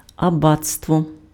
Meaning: 1. abbey 2. abbacy, abbotship
- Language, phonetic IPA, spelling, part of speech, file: Ukrainian, [ɐˈbat͡stwɔ], абатство, noun, Uk-абатство.ogg